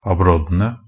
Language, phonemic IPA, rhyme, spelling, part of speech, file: Norwegian Bokmål, /aˈbrɔdːənə/, -ənə, abroddene, noun, NB - Pronunciation of Norwegian Bokmål «abroddene».ogg
- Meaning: definite plural of abrodd